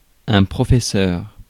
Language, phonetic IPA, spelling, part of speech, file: French, [pχɔfɛsɑœ̯ɹ], professeur, noun, Fr-professeur.ogg
- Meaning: 1. teacher 2. professor